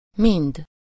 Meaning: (pronoun) all of it, all of them, each of them (grammatically singular); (adverb) 1. with everyone, all (usually of persons) 2. increasingly (used with comparative form)
- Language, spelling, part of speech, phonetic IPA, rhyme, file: Hungarian, mind, pronoun / adverb / conjunction, [ˈmind], -ind, Hu-mind.ogg